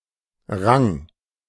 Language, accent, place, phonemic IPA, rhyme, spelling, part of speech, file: German, Germany, Berlin, /raŋ/, -aŋ, Rang, noun, De-Rang.ogg
- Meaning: rank, a level in a hierarchy (but not so much an according title, for which Dienstgrad and Amtsbezeichnung / Amtstitel)